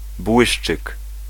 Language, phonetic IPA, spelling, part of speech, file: Polish, [ˈbwɨʃt͡ʃɨk], błyszczyk, noun, Pl-błyszczyk.ogg